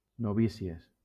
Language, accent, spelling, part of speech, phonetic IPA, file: Catalan, Valencia, novícies, noun, [noˈvi.si.es], LL-Q7026 (cat)-novícies.wav
- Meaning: plural of novícia